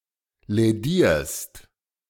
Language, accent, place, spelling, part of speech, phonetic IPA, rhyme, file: German, Germany, Berlin, lädierst, verb, [lɛˈdiːɐ̯st], -iːɐ̯st, De-lädierst.ogg
- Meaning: second-person singular present of lädieren